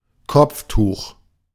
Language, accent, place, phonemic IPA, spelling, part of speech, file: German, Germany, Berlin, /ˈkɔpfˌtuːχ/, Kopftuch, noun, De-Kopftuch.ogg
- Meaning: 1. headscarf, kerchief 2. hijab